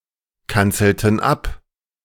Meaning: inflection of abkanzeln: 1. first/third-person plural preterite 2. first/third-person plural subjunctive II
- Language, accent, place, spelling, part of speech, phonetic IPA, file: German, Germany, Berlin, kanzelten ab, verb, [ˌkant͡sl̩tn̩ ˈap], De-kanzelten ab.ogg